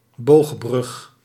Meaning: arch bridge
- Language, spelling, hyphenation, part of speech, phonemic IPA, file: Dutch, boogbrug, boog‧brug, noun, /ˈboːx.brʏx/, Nl-boogbrug.ogg